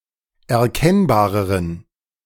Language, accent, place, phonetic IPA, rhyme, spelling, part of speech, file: German, Germany, Berlin, [ɛɐ̯ˈkɛnbaːʁəʁən], -ɛnbaːʁəʁən, erkennbareren, adjective, De-erkennbareren.ogg
- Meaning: inflection of erkennbar: 1. strong genitive masculine/neuter singular comparative degree 2. weak/mixed genitive/dative all-gender singular comparative degree